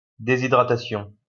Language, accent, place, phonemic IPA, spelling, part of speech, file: French, France, Lyon, /de.zi.dʁa.ta.sjɔ̃/, déshydratation, noun, LL-Q150 (fra)-déshydratation.wav
- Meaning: dehydration